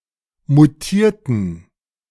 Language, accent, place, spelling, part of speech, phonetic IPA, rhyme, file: German, Germany, Berlin, mutierten, adjective / verb, [muˈtiːɐ̯tn̩], -iːɐ̯tn̩, De-mutierten.ogg
- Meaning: inflection of mutieren: 1. first/third-person plural preterite 2. first/third-person plural subjunctive II